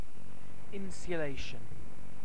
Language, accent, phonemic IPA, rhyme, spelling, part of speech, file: English, UK, /ˌɪnsjʊˈleɪʃən/, -eɪʃən, insulation, noun, En-uk-insulation.ogg
- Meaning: 1. The act of insulating; detachment from other objects; isolation 2. The state of being insulated; detachment from other objects; isolation